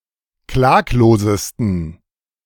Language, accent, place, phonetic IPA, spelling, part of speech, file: German, Germany, Berlin, [ˈklaːkloːzəstn̩], klaglosesten, adjective, De-klaglosesten.ogg
- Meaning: 1. superlative degree of klaglos 2. inflection of klaglos: strong genitive masculine/neuter singular superlative degree